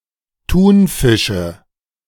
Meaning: nominative/accusative/genitive plural of Thunfisch
- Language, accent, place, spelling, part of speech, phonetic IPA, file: German, Germany, Berlin, Thunfische, noun, [ˈtuːnˌfɪʃə], De-Thunfische.ogg